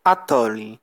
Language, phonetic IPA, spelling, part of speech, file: Polish, [aˈtɔlʲi], atoli, conjunction / noun, Pl-atoli.ogg